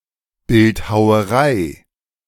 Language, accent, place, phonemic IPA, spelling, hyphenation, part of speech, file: German, Germany, Berlin, /ˈbɪlthaʊ̯əˌʁaɪ̯/, Bildhauerei, Bild‧hau‧e‧rei, noun, De-Bildhauerei.ogg
- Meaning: sculpture (the art or an individual work)